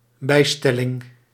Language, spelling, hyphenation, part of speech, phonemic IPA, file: Dutch, bijstelling, bij‧stel‧ling, noun, /ˈbɛi̯ˌstɛ.lɪŋ/, Nl-bijstelling.ogg
- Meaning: 1. adjustment, the process or activity of adapting 2. an apposition